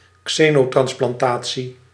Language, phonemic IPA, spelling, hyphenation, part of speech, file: Dutch, /ˈkseː.noː.trɑns.plɑnˌtaː.(t)si/, xenotransplantatie, xe‧no‧trans‧plan‧ta‧tie, noun, Nl-xenotransplantatie.ogg
- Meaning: xenotransplantation